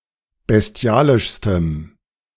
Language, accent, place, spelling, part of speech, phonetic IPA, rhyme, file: German, Germany, Berlin, bestialischstem, adjective, [bɛsˈti̯aːlɪʃstəm], -aːlɪʃstəm, De-bestialischstem.ogg
- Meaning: strong dative masculine/neuter singular superlative degree of bestialisch